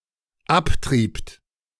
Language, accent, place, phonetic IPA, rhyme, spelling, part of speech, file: German, Germany, Berlin, [ˈapˌtʁiːpt], -aptʁiːpt, abtriebt, verb, De-abtriebt.ogg
- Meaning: second-person plural dependent preterite of abtreiben